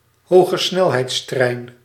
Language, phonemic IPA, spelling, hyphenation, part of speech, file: Dutch, /ɦoː.ɣəˈsnɛl.ɦɛi̯tsˌtrɛi̯n/, hogesnelheidstrein, ho‧ge‧snel‧heids‧trein, noun, Nl-hogesnelheidstrein.ogg
- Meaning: high-speed train